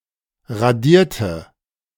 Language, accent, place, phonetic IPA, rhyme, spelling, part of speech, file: German, Germany, Berlin, [ʁaˈdiːɐ̯tə], -iːɐ̯tə, radierte, adjective / verb, De-radierte.ogg
- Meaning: inflection of radieren: 1. first/third-person singular preterite 2. first/third-person singular subjunctive II